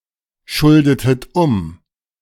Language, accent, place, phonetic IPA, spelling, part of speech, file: German, Germany, Berlin, [ˌʃʊldətət ˈʊm], schuldetet um, verb, De-schuldetet um.ogg
- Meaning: inflection of umschulden: 1. second-person plural preterite 2. second-person plural subjunctive II